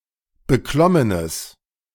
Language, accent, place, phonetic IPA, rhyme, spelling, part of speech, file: German, Germany, Berlin, [bəˈklɔmənəs], -ɔmənəs, beklommenes, adjective, De-beklommenes.ogg
- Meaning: strong/mixed nominative/accusative neuter singular of beklommen